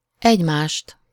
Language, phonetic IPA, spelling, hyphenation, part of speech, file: Hungarian, [ˈɛɟmaːʃt], egymást, egy‧mást, pronoun, Hu-egymást.ogg
- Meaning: accusative of egymás (“one another, each other”)